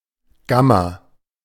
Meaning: gamma (Greek letter)
- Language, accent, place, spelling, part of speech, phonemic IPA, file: German, Germany, Berlin, Gamma, noun, /ˈɡama/, De-Gamma.ogg